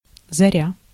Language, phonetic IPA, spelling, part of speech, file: Russian, [zɐˈrʲa], заря, noun, Ru-заря.ogg
- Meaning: 1. dawn, daybreak 2. dusk, nightfall 3. reveille 4. tattoo, retreat 5. outset, start 6. Zarya (module of the International Space Station)